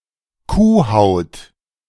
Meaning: cowhide
- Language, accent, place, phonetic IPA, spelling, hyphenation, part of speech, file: German, Germany, Berlin, [ˈkuːˌhaʊ̯t], Kuhhaut, Kuh‧haut, noun, De-Kuhhaut.ogg